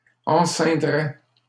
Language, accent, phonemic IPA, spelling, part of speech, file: French, Canada, /ɑ̃.sɛ̃.dʁɛ/, enceindrais, verb, LL-Q150 (fra)-enceindrais.wav
- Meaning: first/second-person singular conditional of enceindre